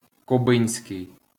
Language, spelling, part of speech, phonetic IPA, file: Ukrainian, кубинський, adjective, [kʊˈbɪnʲsʲkei̯], LL-Q8798 (ukr)-кубинський.wav
- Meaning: Cuban